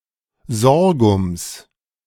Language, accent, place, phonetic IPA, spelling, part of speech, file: German, Germany, Berlin, [ˈzɔʁɡʊms], Sorghums, noun, De-Sorghums.ogg
- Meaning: genitive singular of Sorghum